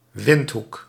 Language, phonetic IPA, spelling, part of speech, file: Dutch, [ˈʋɪnt.ɦuk], Windhoek, proper noun, Nl-Windhoek.ogg
- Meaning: Windhoek (a city, the capital city of Namibia)